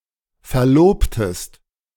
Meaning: inflection of verloben: 1. second-person singular preterite 2. second-person singular subjunctive II
- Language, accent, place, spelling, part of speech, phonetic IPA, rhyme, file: German, Germany, Berlin, verlobtest, verb, [fɛɐ̯ˈloːptəst], -oːptəst, De-verlobtest.ogg